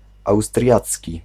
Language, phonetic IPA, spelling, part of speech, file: Polish, [awstrʲˈjat͡sʲci], austriacki, adjective, Pl-austriacki.ogg